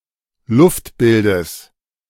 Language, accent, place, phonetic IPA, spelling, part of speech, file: German, Germany, Berlin, [ˈlʊftˌbɪldəs], Luftbildes, noun, De-Luftbildes.ogg
- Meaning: genitive singular of Luftbild